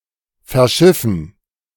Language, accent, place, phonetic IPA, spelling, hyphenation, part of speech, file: German, Germany, Berlin, [fɛɐ̯ˈʃɪfn̩], verschiffen, ver‧schif‧fen, verb, De-verschiffen.ogg
- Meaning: to ship